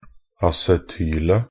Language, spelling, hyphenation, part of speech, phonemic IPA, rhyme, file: Norwegian Bokmål, acetylet, a‧ce‧tyl‧et, noun, /asɛˈtyːlə/, -yːlə, Nb-acetylet.ogg
- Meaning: definite singular of acetyl